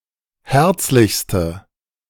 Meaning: inflection of herzlich: 1. strong/mixed nominative/accusative feminine singular superlative degree 2. strong nominative/accusative plural superlative degree
- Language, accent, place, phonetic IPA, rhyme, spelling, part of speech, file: German, Germany, Berlin, [ˈhɛʁt͡slɪçstə], -ɛʁt͡slɪçstə, herzlichste, adjective, De-herzlichste.ogg